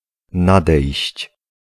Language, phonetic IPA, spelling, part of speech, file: Polish, [ˈnadɛjɕt͡ɕ], nadejść, verb, Pl-nadejść.ogg